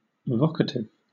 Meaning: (adjective) Of or pertaining to calling; used in calling or vocation
- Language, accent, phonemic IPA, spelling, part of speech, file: English, Southern England, /ˈvɒkətɪv/, vocative, adjective / noun, LL-Q1860 (eng)-vocative.wav